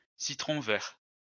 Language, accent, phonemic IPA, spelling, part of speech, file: French, France, /si.tʁɔ̃ vɛʁ/, citron vert, noun, LL-Q150 (fra)-citron vert.wav
- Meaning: lime (citrus)